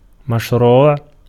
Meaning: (adjective) 1. kosher 2. rightful 3. allowed 4. legal 5. legislated 6. lawful, legitimate; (noun) scheme, project
- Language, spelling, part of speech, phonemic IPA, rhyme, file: Arabic, مشروع, adjective / noun, /maʃ.ruːʕ/, -uːʕ, Ar-مشروع.ogg